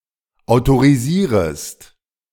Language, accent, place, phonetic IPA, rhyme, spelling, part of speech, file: German, Germany, Berlin, [aʊ̯toʁiˈziːʁəst], -iːʁəst, autorisierest, verb, De-autorisierest.ogg
- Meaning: second-person singular subjunctive I of autorisieren